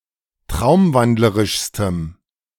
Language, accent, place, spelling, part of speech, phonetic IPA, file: German, Germany, Berlin, traumwandlerischstem, adjective, [ˈtʁaʊ̯mˌvandləʁɪʃstəm], De-traumwandlerischstem.ogg
- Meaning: strong dative masculine/neuter singular superlative degree of traumwandlerisch